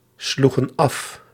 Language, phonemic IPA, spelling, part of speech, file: Dutch, /ˈsluɣə(n) ˈɑf/, sloegen af, verb, Nl-sloegen af.ogg
- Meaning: inflection of afslaan: 1. plural past indicative 2. plural past subjunctive